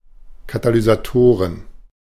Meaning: plural of Katalysator
- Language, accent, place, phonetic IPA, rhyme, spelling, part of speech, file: German, Germany, Berlin, [katalyzaˈtoːʁən], -oːʁən, Katalysatoren, noun, De-Katalysatoren.ogg